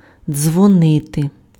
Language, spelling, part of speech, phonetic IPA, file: Ukrainian, дзвонити, verb, [d͡zwɔˈnɪte], Uk-дзвонити.ogg
- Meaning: 1. to produce sound 2. to contact by telephone 3. to talk a lot, to gossip